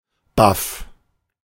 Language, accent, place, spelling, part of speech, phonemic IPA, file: German, Germany, Berlin, baff, adjective, /baf/, De-baff.ogg
- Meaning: stunned, flabbergasted